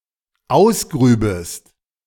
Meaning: second-person singular dependent subjunctive II of ausgraben
- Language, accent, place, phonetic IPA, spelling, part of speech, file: German, Germany, Berlin, [ˈaʊ̯sˌɡʁyːbəst], ausgrübest, verb, De-ausgrübest.ogg